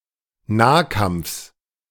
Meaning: genitive of Nahkampf
- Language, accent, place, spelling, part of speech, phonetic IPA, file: German, Germany, Berlin, Nahkampfs, noun, [ˈnaːˌkamp͡fs], De-Nahkampfs.ogg